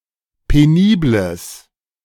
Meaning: strong/mixed nominative/accusative neuter singular of penibel
- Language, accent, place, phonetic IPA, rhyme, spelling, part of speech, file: German, Germany, Berlin, [peˈniːbləs], -iːbləs, penibles, adjective, De-penibles.ogg